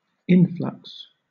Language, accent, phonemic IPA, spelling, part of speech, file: English, Southern England, /ˈɪnˌflʌks/, influx, noun, LL-Q1860 (eng)-influx.wav
- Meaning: 1. A flow inward or into something; a coming in 2. That which flows or comes in 3. influence; power